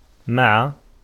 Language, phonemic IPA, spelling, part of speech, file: Arabic, /ma.ʕa/, مع, preposition, Ar-مع.ogg
- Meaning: 1. with, together with, accompanied by, in the company of 2. in the estimation of, in the eyes of, in the opinion of 3. in spite of, despite, even with 4. toward, in relation to